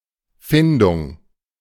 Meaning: finding (process of trying to find)
- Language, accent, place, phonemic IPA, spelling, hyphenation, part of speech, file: German, Germany, Berlin, /ˈfɪndʊŋ/, Findung, Fin‧dung, noun, De-Findung.ogg